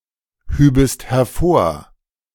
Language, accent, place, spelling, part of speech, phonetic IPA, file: German, Germany, Berlin, hübest hervor, verb, [ˌhyːbəst hɛɐ̯ˈfoːɐ̯], De-hübest hervor.ogg
- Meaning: second-person singular subjunctive II of hervorheben